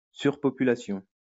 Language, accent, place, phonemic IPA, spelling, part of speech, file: French, France, Lyon, /syʁ.pɔ.py.la.sjɔ̃/, surpopulation, noun, LL-Q150 (fra)-surpopulation.wav
- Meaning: overpopulation